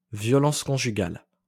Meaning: 1. domestic violence 2. a specific act of domestic violence
- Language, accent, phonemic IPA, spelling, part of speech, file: French, France, /vjɔ.lɑ̃s kɔ̃.ʒy.ɡal/, violence conjugale, noun, LL-Q150 (fra)-violence conjugale.wav